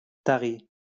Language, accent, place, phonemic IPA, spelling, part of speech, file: French, France, Lyon, /ta.ʁi/, tari, verb, LL-Q150 (fra)-tari.wav
- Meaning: past participle of tarir